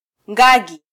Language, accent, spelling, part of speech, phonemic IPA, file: Swahili, Kenya, ngagi, noun, /ˈᵑɡɑ.ɠi/, Sw-ke-ngagi.flac
- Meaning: gorilla